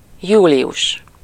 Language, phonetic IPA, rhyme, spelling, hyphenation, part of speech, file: Hungarian, [ˈjuːlijuʃ], -uʃ, július, jú‧li‧us, noun, Hu-július.ogg
- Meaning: July